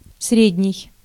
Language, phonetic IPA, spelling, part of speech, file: Russian, [ˈsrʲedʲnʲɪj], средний, adjective, Ru-средний.ogg
- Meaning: 1. middle 2. medium 3. central 4. average 5. mean 6. neuter